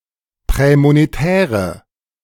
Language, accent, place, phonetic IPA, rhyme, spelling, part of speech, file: German, Germany, Berlin, [ˌpʁɛːmoneˈtɛːʁə], -ɛːʁə, prämonetäre, adjective, De-prämonetäre.ogg
- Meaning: inflection of prämonetär: 1. strong/mixed nominative/accusative feminine singular 2. strong nominative/accusative plural 3. weak nominative all-gender singular